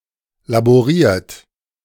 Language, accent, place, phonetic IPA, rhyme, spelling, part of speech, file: German, Germany, Berlin, [laboˈʁiːɐ̯t], -iːɐ̯t, laboriert, verb, De-laboriert.ogg
- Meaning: 1. past participle of laborieren 2. inflection of laborieren: second-person plural present 3. inflection of laborieren: third-person singular present 4. inflection of laborieren: plural imperative